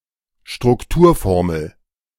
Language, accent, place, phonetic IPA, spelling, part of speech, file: German, Germany, Berlin, [ʃtʁʊkˈtuːɐ̯ˌfɔʁml̩], Strukturformel, noun, De-Strukturformel.ogg
- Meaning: structural formula